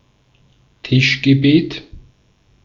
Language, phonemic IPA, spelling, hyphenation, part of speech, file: German, /ˈtɪʃɡəˌbeːt/, Tischgebet, Tisch‧ge‧bet, noun, De-at-Tischgebet.ogg
- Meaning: grace (prayer before meal)